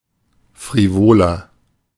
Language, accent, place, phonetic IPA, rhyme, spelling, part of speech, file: German, Germany, Berlin, [fʁiˈvoːlɐ], -oːlɐ, frivoler, adjective, De-frivoler.ogg
- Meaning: 1. comparative degree of frivol 2. inflection of frivol: strong/mixed nominative masculine singular 3. inflection of frivol: strong genitive/dative feminine singular